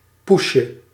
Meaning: diminutive of poes
- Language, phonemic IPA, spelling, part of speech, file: Dutch, /ˈpuʃə/, poesje, noun, Nl-poesje.ogg